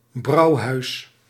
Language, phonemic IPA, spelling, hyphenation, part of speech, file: Dutch, /ˈbrɑu̯.ɦœy̯s/, brouwhuis, brouw‧huis, noun, Nl-brouwhuis.ogg
- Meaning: brewery